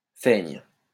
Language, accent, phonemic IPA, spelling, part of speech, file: French, France, /fɛɲ/, feigne, verb, LL-Q150 (fra)-feigne.wav
- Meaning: first/third-person singular present subjunctive of feindre